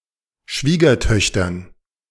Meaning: dative plural of Schwiegertochter
- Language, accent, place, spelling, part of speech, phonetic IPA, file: German, Germany, Berlin, Schwiegertöchtern, noun, [ˈʃviːɡɐˌtœçtɐn], De-Schwiegertöchtern.ogg